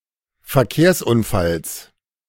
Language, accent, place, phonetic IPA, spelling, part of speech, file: German, Germany, Berlin, [fɛɐ̯ˈkeːɐ̯sʔʊnˌfals], Verkehrsunfalls, noun, De-Verkehrsunfalls.ogg
- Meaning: genitive singular of Verkehrsunfall